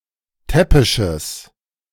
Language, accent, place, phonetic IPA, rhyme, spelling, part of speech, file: German, Germany, Berlin, [ˈtɛpɪʃəs], -ɛpɪʃəs, täppisches, adjective, De-täppisches.ogg
- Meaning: strong/mixed nominative/accusative neuter singular of täppisch